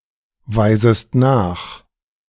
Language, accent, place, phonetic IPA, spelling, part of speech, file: German, Germany, Berlin, [ˌvaɪ̯zəst ˈnaːx], weisest nach, verb, De-weisest nach.ogg
- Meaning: second-person singular subjunctive I of nachweisen